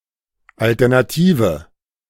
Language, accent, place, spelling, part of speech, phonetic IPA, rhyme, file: German, Germany, Berlin, alternative, adjective, [ˌaltɛʁnaˈtiːvə], -iːvə, De-alternative.ogg
- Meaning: inflection of alternativ: 1. strong/mixed nominative/accusative feminine singular 2. strong nominative/accusative plural 3. weak nominative all-gender singular